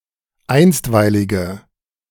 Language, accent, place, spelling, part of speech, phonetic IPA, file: German, Germany, Berlin, einstweilige, adjective, [ˈaɪ̯nstvaɪ̯lɪɡə], De-einstweilige.ogg
- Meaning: inflection of einstweilig: 1. strong/mixed nominative/accusative feminine singular 2. strong nominative/accusative plural 3. weak nominative all-gender singular